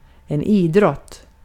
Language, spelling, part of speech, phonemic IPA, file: Swedish, idrott, noun, /²iːˌdrɔt/, Sv-idrott.ogg
- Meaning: 1. any athletic activity that uses physical skills: sports 2. any athletic activity that uses physical skills: a sport 3. physical education, PE